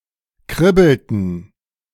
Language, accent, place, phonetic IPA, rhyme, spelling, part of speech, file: German, Germany, Berlin, [ˈkʁɪbl̩tn̩], -ɪbl̩tn̩, kribbelten, verb, De-kribbelten.ogg
- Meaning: inflection of kribbeln: 1. first/third-person plural preterite 2. first/third-person plural subjunctive II